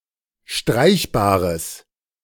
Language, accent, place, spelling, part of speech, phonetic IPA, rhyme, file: German, Germany, Berlin, streichbares, adjective, [ˈʃtʁaɪ̯çbaːʁəs], -aɪ̯çbaːʁəs, De-streichbares.ogg
- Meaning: strong/mixed nominative/accusative neuter singular of streichbar